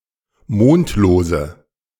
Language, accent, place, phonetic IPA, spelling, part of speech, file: German, Germany, Berlin, [ˈmoːntloːzə], mondlose, adjective, De-mondlose.ogg
- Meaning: inflection of mondlos: 1. strong/mixed nominative/accusative feminine singular 2. strong nominative/accusative plural 3. weak nominative all-gender singular 4. weak accusative feminine/neuter singular